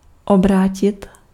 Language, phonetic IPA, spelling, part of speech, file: Czech, [ˈobraːcɪt], obrátit, verb, Cs-obrátit.ogg
- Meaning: 1. to flip, to turn over 2. to turn, to turn to someone/sth, to turn over